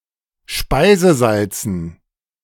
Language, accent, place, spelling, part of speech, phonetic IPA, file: German, Germany, Berlin, Speisesalzen, noun, [ˈʃpaɪ̯zəˌzalt͡sn̩], De-Speisesalzen.ogg
- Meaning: dative plural of Speisesalz